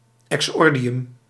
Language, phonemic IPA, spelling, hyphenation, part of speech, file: Dutch, /ˌɛkˈsɔr.di.ʏm/, exordium, exor‧di‧um, noun, Nl-exordium.ogg
- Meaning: introduction, preface (to an essay or plea)